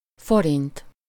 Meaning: 1. forint 2. guilder (former Dutch currency)
- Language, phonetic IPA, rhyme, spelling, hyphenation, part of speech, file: Hungarian, [ˈforint], -int, forint, fo‧rint, noun, Hu-forint.ogg